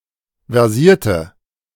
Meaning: inflection of versiert: 1. strong/mixed nominative/accusative feminine singular 2. strong nominative/accusative plural 3. weak nominative all-gender singular
- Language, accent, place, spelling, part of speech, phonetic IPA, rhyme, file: German, Germany, Berlin, versierte, adjective / verb, [vɛʁˈziːɐ̯tə], -iːɐ̯tə, De-versierte.ogg